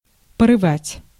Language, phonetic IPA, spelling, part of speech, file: Russian, [pərɨˈvatʲ], порывать, verb, Ru-порывать.ogg
- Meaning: to break (off) (with), to desert